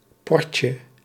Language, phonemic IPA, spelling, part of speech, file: Dutch, /ˈpɔrcə/, portje, noun, Nl-portje.ogg
- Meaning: diminutive of port